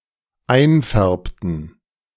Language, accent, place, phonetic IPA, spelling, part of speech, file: German, Germany, Berlin, [ˈaɪ̯nˌfɛʁptn̩], einfärbten, verb, De-einfärbten.ogg
- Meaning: inflection of einfärben: 1. first/third-person plural dependent preterite 2. first/third-person plural dependent subjunctive II